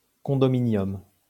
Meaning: condominium (all senses)
- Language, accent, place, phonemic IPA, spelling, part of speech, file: French, France, Lyon, /kɔ̃.dɔ.mi.njɔm/, condominium, noun, LL-Q150 (fra)-condominium.wav